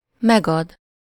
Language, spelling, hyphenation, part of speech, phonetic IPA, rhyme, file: Hungarian, megad, meg‧ad, verb, [ˈmɛɡɒd], -ɒd, Hu-megad.ogg
- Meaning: 1. to repay, to refund, to pay back (money) 2. to give, to supply something (to someone: -nak/-nek)